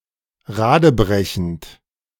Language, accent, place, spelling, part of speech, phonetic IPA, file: German, Germany, Berlin, radebrechend, verb, [ˈʁaːdəˌbʁɛçn̩t], De-radebrechend.ogg
- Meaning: present participle of radebrechen